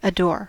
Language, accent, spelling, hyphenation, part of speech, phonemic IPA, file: English, US, adore, adore, verb, /əˈdoɹ/, En-us-adore.ogg
- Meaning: 1. To worship 2. To love with one's entire heart and soul; regard with deep respect and affection 3. To be very fond of 4. To adorn